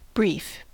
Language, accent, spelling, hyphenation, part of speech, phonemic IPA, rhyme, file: English, US, brief, brief, adjective / noun / verb / adverb, /ˈbɹif/, -iːf, En-us-brief.ogg
- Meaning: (adjective) 1. Of short duration; happening quickly 2. Concise; taking few words 3. Occupying a small distance, area or spatial extent; short 4. Rife; common; prevalent